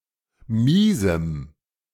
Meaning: strong dative masculine/neuter singular of mies
- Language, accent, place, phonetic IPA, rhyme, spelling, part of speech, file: German, Germany, Berlin, [ˈmiːzm̩], -iːzm̩, miesem, adjective, De-miesem.ogg